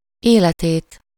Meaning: accusative singular of élete
- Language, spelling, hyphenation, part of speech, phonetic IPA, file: Hungarian, életét, éle‧tét, noun, [ˈeːlɛteːt], Hu-életét.ogg